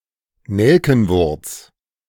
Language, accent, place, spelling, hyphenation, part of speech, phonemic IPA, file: German, Germany, Berlin, Nelkenwurz, Nel‧ken‧wurz, noun, /ˈnɛlkn̩vʊʁt͡s/, De-Nelkenwurz.ogg
- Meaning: avens